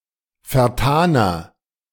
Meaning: inflection of vertan: 1. strong/mixed nominative masculine singular 2. strong genitive/dative feminine singular 3. strong genitive plural
- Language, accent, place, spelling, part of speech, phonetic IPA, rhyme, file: German, Germany, Berlin, vertaner, adjective, [fɛɐ̯ˈtaːnɐ], -aːnɐ, De-vertaner.ogg